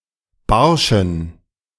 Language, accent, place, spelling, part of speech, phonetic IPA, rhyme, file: German, Germany, Berlin, barschen, adjective, [ˈbaʁʃn̩], -aʁʃn̩, De-barschen.ogg
- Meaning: inflection of barsch: 1. strong genitive masculine/neuter singular 2. weak/mixed genitive/dative all-gender singular 3. strong/weak/mixed accusative masculine singular 4. strong dative plural